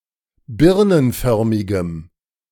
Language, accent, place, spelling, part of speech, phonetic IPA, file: German, Germany, Berlin, birnenförmigem, adjective, [ˈbɪʁnənˌfœʁmɪɡəm], De-birnenförmigem.ogg
- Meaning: strong dative masculine/neuter singular of birnenförmig